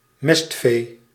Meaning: fattened livestock raised for meat
- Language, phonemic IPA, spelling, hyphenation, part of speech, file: Dutch, /ˈmɛst.feː/, mestvee, mest‧vee, noun, Nl-mestvee.ogg